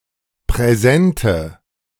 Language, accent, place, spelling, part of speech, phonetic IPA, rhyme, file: German, Germany, Berlin, präsente, adjective, [pʁɛˈzɛntə], -ɛntə, De-präsente.ogg
- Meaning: inflection of präsent: 1. strong/mixed nominative/accusative feminine singular 2. strong nominative/accusative plural 3. weak nominative all-gender singular 4. weak accusative feminine/neuter singular